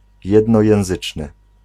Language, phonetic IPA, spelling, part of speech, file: Polish, [ˌjɛdnɔjɛ̃w̃ˈzɨt͡ʃnɨ], jednojęzyczny, adjective, Pl-jednojęzyczny.ogg